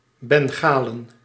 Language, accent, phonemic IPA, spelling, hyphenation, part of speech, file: Dutch, Netherlands, /bɛŋˈɣaːlə(n)/, Bengalen, Ben‧ga‧len, proper noun, Nl-Bengalen.ogg
- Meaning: Bengal (region)